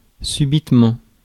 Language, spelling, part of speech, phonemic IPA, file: French, subitement, adverb, /sy.bit.mɑ̃/, Fr-subitement.ogg
- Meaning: suddenly